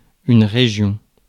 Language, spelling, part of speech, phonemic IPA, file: French, région, noun, /ʁe.ʒjɔ̃/, Fr-région.ogg
- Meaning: 1. region; area 2. a political subdivision of France and some other Francophone countries, bigger than a département